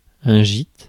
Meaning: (noun) 1. shelter; lodging 2. gîte (self-catering holiday home) 3. beef shin 4. list (inclination of a ship); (verb) inflection of gîter: first/third-person singular present indicative/subjunctive
- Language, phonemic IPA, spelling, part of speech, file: French, /ʒit/, gîte, noun / verb, Fr-gîte.ogg